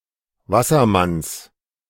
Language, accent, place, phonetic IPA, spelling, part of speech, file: German, Germany, Berlin, [ˈvasɐˌmans], Wassermanns, noun, De-Wassermanns.ogg
- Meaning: genitive of Wassermann